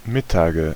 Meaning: nominative/accusative/genitive plural of Mittag
- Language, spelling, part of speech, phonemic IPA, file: German, Mittage, noun, /ˈmɪtaːɡə/, De-Mittage.ogg